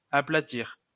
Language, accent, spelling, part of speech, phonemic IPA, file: French, France, aplatir, verb, /a.pla.tiʁ/, LL-Q150 (fra)-aplatir.wav
- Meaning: to flatten (to make something flat)